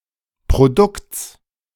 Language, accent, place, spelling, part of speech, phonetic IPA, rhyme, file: German, Germany, Berlin, Produkts, noun, [pʁoˈdʊkt͡s], -ʊkt͡s, De-Produkts.ogg
- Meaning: genitive singular of Produkt